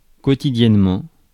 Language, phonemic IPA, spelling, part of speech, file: French, /kɔ.ti.djɛn.mɑ̃/, quotidiennement, adverb, Fr-quotidiennement.ogg
- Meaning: 1. daily (every day) 2. daily (per day)